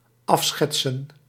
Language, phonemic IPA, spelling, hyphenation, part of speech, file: Dutch, /ˈɑfˌsxɛtsə(n)/, afschetsen, af‧schet‧sen, verb, Nl-afschetsen.ogg
- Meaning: 1. to depict, to portray, esp. in a sketch (to produce an image or depiction) 2. to depict, to portray, to paint (as) (to create an impression or reputation)